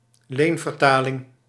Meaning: loan translation, calque
- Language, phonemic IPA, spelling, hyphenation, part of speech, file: Dutch, /ˈleːn.vərˌtaː.lɪŋ/, leenvertaling, leen‧ver‧ta‧ling, noun, Nl-leenvertaling.ogg